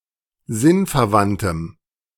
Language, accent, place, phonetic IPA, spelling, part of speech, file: German, Germany, Berlin, [ˈzɪnfɛɐ̯ˌvantəm], sinnverwandtem, adjective, De-sinnverwandtem.ogg
- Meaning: strong dative masculine/neuter singular of sinnverwandt